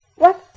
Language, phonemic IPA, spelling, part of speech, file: French, /waf/, ouaf, interjection, Fr-ouaf.ogg
- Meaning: woof, the sound of a dog's bark